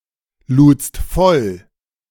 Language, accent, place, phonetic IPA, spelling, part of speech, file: German, Germany, Berlin, [ˌluːt͡st ˈfɔl], ludst voll, verb, De-ludst voll.ogg
- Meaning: second-person singular preterite of vollladen